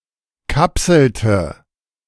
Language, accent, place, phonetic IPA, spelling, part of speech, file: German, Germany, Berlin, [ˈkapsl̩tə], kapselte, verb, De-kapselte.ogg
- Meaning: inflection of kapseln: 1. first/third-person singular preterite 2. first/third-person singular subjunctive II